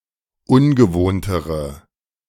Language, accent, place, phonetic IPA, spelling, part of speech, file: German, Germany, Berlin, [ˈʊnɡəˌvoːntəʁə], ungewohntere, adjective, De-ungewohntere.ogg
- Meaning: inflection of ungewohnt: 1. strong/mixed nominative/accusative feminine singular comparative degree 2. strong nominative/accusative plural comparative degree